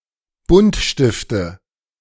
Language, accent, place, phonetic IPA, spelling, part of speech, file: German, Germany, Berlin, [ˈbʊntˌʃtɪftə], Buntstifte, noun, De-Buntstifte.ogg
- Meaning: nominative/accusative/genitive plural of Buntstift